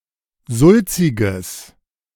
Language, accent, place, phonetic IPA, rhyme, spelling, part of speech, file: German, Germany, Berlin, [ˈzʊlt͡sɪɡəs], -ʊlt͡sɪɡəs, sulziges, adjective, De-sulziges.ogg
- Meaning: strong/mixed nominative/accusative neuter singular of sulzig